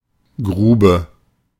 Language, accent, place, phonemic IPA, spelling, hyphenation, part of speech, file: German, Germany, Berlin, /ˈɡʁuːbə/, Grube, Gru‧be, noun / proper noun, De-Grube.ogg
- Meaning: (noun) 1. pit, excavation (man- or animal-made hole in the ground) 2. mine; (proper noun) a municipality of Schleswig-Holstein, Germany